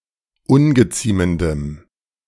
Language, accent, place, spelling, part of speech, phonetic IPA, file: German, Germany, Berlin, ungeziemendem, adjective, [ˈʊnɡəˌt͡siːməndəm], De-ungeziemendem.ogg
- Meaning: strong dative masculine/neuter singular of ungeziemend